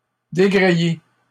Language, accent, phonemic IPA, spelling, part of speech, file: French, Canada, /de.ɡʁe.e/, dégréer, verb, LL-Q150 (fra)-dégréer.wav
- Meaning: to unrig